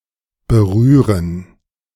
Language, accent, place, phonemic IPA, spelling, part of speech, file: German, Germany, Berlin, /bəˈryːrən/, berühren, verb, De-berühren.ogg
- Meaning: 1. to touch 2. to be tangent to 3. to border on